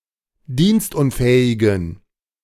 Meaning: inflection of dienstunfähig: 1. strong genitive masculine/neuter singular 2. weak/mixed genitive/dative all-gender singular 3. strong/weak/mixed accusative masculine singular 4. strong dative plural
- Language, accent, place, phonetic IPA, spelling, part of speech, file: German, Germany, Berlin, [ˈdiːnstˌʔʊnfɛːɪɡn̩], dienstunfähigen, adjective, De-dienstunfähigen.ogg